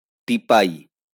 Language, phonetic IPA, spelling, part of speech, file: Bengali, [ˈʈ̟i.pai̯ˑ], টিপাই, noun, LL-Q9610 (ben)-টিপাই.wav
- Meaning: teapoy